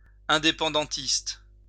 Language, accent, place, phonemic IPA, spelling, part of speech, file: French, France, Lyon, /ɛ̃.de.pɑ̃.dɑ̃.tist/, indépendantiste, adjective / noun, LL-Q150 (fra)-indépendantiste.wav
- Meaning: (adjective) independence; separatist; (noun) 1. separatist 2. independentist